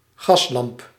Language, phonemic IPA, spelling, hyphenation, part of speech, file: Dutch, /ˈɣɑs.lɑmp/, gaslamp, gas‧lamp, noun, Nl-gaslamp.ogg
- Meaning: gas lamp